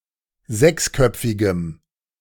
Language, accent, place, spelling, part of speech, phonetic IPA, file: German, Germany, Berlin, sechsköpfigem, adjective, [ˈzɛksˌkœp͡fɪɡəm], De-sechsköpfigem.ogg
- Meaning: strong dative masculine/neuter singular of sechsköpfig